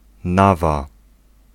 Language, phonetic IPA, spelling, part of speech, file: Polish, [ˈnava], nawa, noun, Pl-nawa.ogg